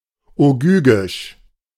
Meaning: Ogygian (very old)
- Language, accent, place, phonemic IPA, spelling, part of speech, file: German, Germany, Berlin, /oˈɡyːɡɪʃ/, ogygisch, adjective, De-ogygisch.ogg